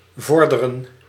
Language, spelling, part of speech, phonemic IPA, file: Dutch, vorderen, verb, /ˈvɔrdərə(n)/, Nl-vorderen.ogg
- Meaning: 1. to progress, advance, to bring forward 2. to demand, to claim, requisition